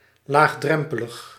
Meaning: easily accessible
- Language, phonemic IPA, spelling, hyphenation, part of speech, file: Dutch, /ˌlaːxˈdrɛm.pə.ləx/, laagdrempelig, laag‧drem‧pe‧lig, adjective, Nl-laagdrempelig.ogg